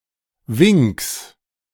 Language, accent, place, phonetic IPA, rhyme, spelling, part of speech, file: German, Germany, Berlin, [vɪŋks], -ɪŋks, Winks, noun, De-Winks.ogg
- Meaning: genitive singular of Wink